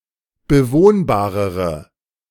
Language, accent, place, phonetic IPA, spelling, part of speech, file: German, Germany, Berlin, [bəˈvoːnbaːʁəʁə], bewohnbarere, adjective, De-bewohnbarere.ogg
- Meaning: inflection of bewohnbar: 1. strong/mixed nominative/accusative feminine singular comparative degree 2. strong nominative/accusative plural comparative degree